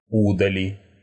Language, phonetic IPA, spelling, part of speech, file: Russian, [ʊdɐˈlʲi], удали, verb, Ru-у́дали.ogg
- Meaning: second-person singular imperative perfective of удали́ть (udalítʹ)